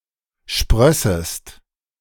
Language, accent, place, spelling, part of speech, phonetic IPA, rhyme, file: German, Germany, Berlin, sprössest, verb, [ˈʃpʁœsəst], -œsəst, De-sprössest.ogg
- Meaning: second-person singular subjunctive II of sprießen